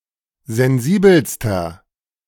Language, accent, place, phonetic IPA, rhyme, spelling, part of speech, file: German, Germany, Berlin, [zɛnˈziːbl̩stɐ], -iːbl̩stɐ, sensibelster, adjective, De-sensibelster.ogg
- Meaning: inflection of sensibel: 1. strong/mixed nominative masculine singular superlative degree 2. strong genitive/dative feminine singular superlative degree 3. strong genitive plural superlative degree